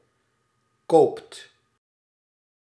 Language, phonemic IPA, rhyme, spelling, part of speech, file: Dutch, /koːpt/, -oːpt, koopt, verb, Nl-koopt.ogg
- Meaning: inflection of kopen: 1. second/third-person singular present indicative 2. plural imperative